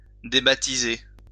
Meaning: 1. to remove a person from the parish register (expel them from the church) 2. to rename
- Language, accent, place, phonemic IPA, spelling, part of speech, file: French, France, Lyon, /de.ba.ti.ze/, débaptiser, verb, LL-Q150 (fra)-débaptiser.wav